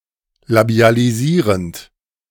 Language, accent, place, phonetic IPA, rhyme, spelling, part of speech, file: German, Germany, Berlin, [labi̯aliˈziːʁənt], -iːʁənt, labialisierend, verb, De-labialisierend.ogg
- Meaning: present participle of labialisieren